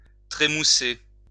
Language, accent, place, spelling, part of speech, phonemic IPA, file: French, France, Lyon, trémousser, verb, /tʁe.mu.se/, LL-Q150 (fra)-trémousser.wav
- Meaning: to jig, jiggle, wiggle